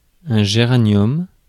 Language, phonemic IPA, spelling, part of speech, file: French, /ʒe.ʁa.njɔm/, géranium, noun, Fr-géranium.ogg
- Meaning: 1. geranium (Geranium) 2. geranium (Pelargonium)